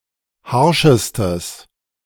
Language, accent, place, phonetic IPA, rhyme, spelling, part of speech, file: German, Germany, Berlin, [ˈhaʁʃəstəs], -aʁʃəstəs, harschestes, adjective, De-harschestes.ogg
- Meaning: strong/mixed nominative/accusative neuter singular superlative degree of harsch